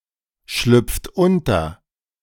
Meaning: inflection of unterschlüpfen: 1. second-person plural present 2. third-person singular present 3. plural imperative
- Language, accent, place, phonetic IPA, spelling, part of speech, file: German, Germany, Berlin, [ˌʃlʏp͡ft ˈʊntɐ], schlüpft unter, verb, De-schlüpft unter.ogg